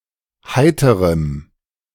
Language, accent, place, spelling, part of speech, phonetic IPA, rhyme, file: German, Germany, Berlin, heiterem, adjective, [ˈhaɪ̯təʁəm], -aɪ̯təʁəm, De-heiterem.ogg
- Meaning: strong dative masculine/neuter singular of heiter